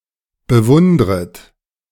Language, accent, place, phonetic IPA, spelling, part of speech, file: German, Germany, Berlin, [bəˈvʊndʁət], bewundret, verb, De-bewundret.ogg
- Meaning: second-person plural subjunctive I of bewundern